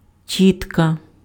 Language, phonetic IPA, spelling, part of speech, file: Ukrainian, [ˈtʲitkɐ], тітка, noun, Uk-тітка.ogg
- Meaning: aunt